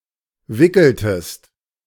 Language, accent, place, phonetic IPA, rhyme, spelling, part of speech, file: German, Germany, Berlin, [ˈvɪkl̩təst], -ɪkl̩təst, wickeltest, verb, De-wickeltest.ogg
- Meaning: inflection of wickeln: 1. second-person singular preterite 2. second-person singular subjunctive II